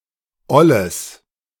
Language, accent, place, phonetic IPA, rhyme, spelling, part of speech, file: German, Germany, Berlin, [ˈɔləs], -ɔləs, olles, adjective, De-olles.ogg
- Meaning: strong/mixed nominative/accusative neuter singular of oll